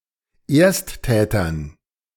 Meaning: dative plural of Ersttäter
- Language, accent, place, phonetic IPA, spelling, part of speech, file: German, Germany, Berlin, [ˈeːɐ̯stˌtɛːtɐn], Ersttätern, noun, De-Ersttätern.ogg